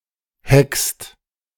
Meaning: second-person singular present of hecken
- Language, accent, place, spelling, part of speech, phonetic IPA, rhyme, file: German, Germany, Berlin, heckst, verb, [hɛkst], -ɛkst, De-heckst.ogg